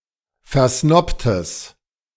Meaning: strong/mixed nominative/accusative neuter singular of versnobt
- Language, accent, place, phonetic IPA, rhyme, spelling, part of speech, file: German, Germany, Berlin, [fɛɐ̯ˈsnɔptəs], -ɔptəs, versnobtes, adjective, De-versnobtes.ogg